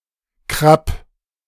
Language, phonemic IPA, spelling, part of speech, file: German, /kʁap/, Krapp, noun, De-Krapp.ogg
- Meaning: 1. madder (Rubia tinctorum) and the pigment from it 2. crow, raven